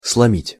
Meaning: to break, to crush (a person or an abstract noun—not a physical object)
- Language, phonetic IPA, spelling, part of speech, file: Russian, [sɫɐˈmʲitʲ], сломить, verb, Ru-сломить.ogg